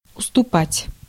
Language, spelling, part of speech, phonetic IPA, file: Russian, уступать, verb, [ʊstʊˈpatʲ], Ru-уступать.ogg
- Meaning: 1. to cede, to let have 2. to yield 3. to be inferior to 4. to reduce something as part of agreement 5. to discount, to abate, to reduce price